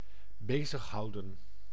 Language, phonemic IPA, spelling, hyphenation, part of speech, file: Dutch, /ˈbeːzəxɦɑu̯də(n)/, bezighouden, be‧zig‧hou‧den, verb, Nl-bezighouden.ogg
- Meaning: 1. to keep busy, to occupy 2. to occupy oneself, to be productive